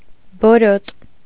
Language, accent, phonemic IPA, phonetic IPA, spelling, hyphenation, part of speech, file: Armenian, Eastern Armenian, /boˈɾot/, [boɾót], բորոտ, բո‧րոտ, adjective, Hy-բորոտ.ogg
- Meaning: 1. leprous 2. scabby, itchy